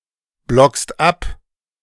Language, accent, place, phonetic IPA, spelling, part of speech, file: German, Germany, Berlin, [ˌblɔkst ˈap], blockst ab, verb, De-blockst ab.ogg
- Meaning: second-person singular present of abblocken